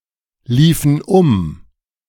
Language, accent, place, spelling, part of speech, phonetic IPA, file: German, Germany, Berlin, liefen um, verb, [ˌliːfən ˈʊm], De-liefen um.ogg
- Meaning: inflection of umlaufen: 1. first/third-person plural preterite 2. first/third-person plural subjunctive II